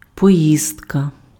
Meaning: trip, tour (brief journey involving a vehicle)
- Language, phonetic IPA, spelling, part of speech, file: Ukrainian, [pɔˈjizdkɐ], поїздка, noun, Uk-поїздка.ogg